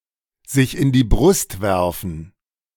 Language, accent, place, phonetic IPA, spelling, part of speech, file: German, Germany, Berlin, [zɪç ɪn diː bʁʊst ˈvɛʁfn̩], sich in die Brust werfen, verb, De-sich in die Brust werfen.ogg
- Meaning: to puff oneself up